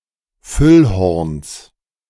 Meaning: genitive singular of Füllhorn
- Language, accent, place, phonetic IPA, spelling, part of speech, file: German, Germany, Berlin, [ˈfʏlˌhɔʁns], Füllhorns, noun, De-Füllhorns.ogg